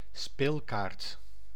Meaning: a playing card
- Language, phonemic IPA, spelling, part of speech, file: Dutch, /ˈspelkart/, speelkaart, noun, Nl-speelkaart.ogg